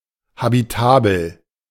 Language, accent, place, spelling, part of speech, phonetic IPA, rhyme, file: German, Germany, Berlin, habitabel, adjective, [habiˈtaːbl̩], -aːbl̩, De-habitabel.ogg
- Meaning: habitable